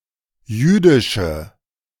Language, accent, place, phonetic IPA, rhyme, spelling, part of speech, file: German, Germany, Berlin, [ˈjyːdɪʃə], -yːdɪʃə, jüdische, adjective, De-jüdische.ogg
- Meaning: inflection of jüdisch: 1. strong/mixed nominative/accusative feminine singular 2. strong nominative/accusative plural 3. weak nominative all-gender singular 4. weak accusative feminine/neuter singular